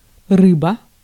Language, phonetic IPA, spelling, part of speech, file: Russian, [ˈrɨbə], рыба, noun, Ru-рыба.ogg
- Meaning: 1. fish (as a living animal) 2. fish (as food) 3. blocked game; block 4. placeholder, lorem ipsum